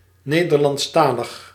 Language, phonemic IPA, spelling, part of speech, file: Dutch, /ˈneː.dər.lɑntsˌtaː.ləx/, Nederlandstalig, adjective, Nl-Nederlandstalig.ogg
- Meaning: 1. having knowledge of the Dutch language, said especially of native speakers 2. in the Dutch language